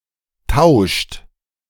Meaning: inflection of tauschen: 1. third-person singular present 2. second-person plural present 3. plural imperative
- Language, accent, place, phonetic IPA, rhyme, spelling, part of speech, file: German, Germany, Berlin, [taʊ̯ʃt], -aʊ̯ʃt, tauscht, verb, De-tauscht.ogg